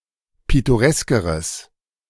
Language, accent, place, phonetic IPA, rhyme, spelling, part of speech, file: German, Germany, Berlin, [ˌpɪtoˈʁɛskəʁəs], -ɛskəʁəs, pittoreskeres, adjective, De-pittoreskeres.ogg
- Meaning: strong/mixed nominative/accusative neuter singular comparative degree of pittoresk